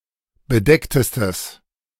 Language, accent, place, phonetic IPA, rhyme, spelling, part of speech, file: German, Germany, Berlin, [bəˈdɛktəstəs], -ɛktəstəs, bedecktestes, adjective, De-bedecktestes.ogg
- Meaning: strong/mixed nominative/accusative neuter singular superlative degree of bedeckt